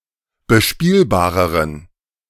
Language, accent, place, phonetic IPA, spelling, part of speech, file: German, Germany, Berlin, [bəˈʃpiːlbaːʁəʁən], bespielbareren, adjective, De-bespielbareren.ogg
- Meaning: inflection of bespielbar: 1. strong genitive masculine/neuter singular comparative degree 2. weak/mixed genitive/dative all-gender singular comparative degree